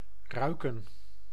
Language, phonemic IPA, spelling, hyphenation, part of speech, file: Dutch, /ˈrœy̯.kə(n)/, ruiken, rui‧ken, verb, Nl-ruiken.ogg
- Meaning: 1. to smell (i.e. to perceive a smell) 2. to smell (i.e. to emit a smell)